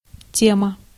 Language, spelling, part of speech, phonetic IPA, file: Russian, тема, noun, [ˈtʲemə], Ru-тема.ogg
- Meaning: 1. theme, subject, topic 2. thing